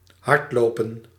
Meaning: to run fast, race on foot
- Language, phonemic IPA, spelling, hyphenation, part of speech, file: Dutch, /ˈɦɑrtˌloː.pə(n)/, hardlopen, hard‧lo‧pen, verb, Nl-hardlopen.ogg